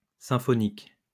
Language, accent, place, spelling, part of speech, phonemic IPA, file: French, France, Lyon, symphonique, adjective, /sɛ̃.fɔ.nik/, LL-Q150 (fra)-symphonique.wav
- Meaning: symphonic